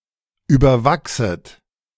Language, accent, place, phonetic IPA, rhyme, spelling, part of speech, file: German, Germany, Berlin, [ˌyːbɐˈvaksət], -aksət, überwachset, verb, De-überwachset.ogg
- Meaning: second-person plural subjunctive I of überwachsen